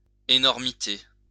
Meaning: enormity
- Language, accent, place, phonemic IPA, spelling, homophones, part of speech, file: French, France, Lyon, /e.nɔʁ.mi.te/, énormité, énormités, noun, LL-Q150 (fra)-énormité.wav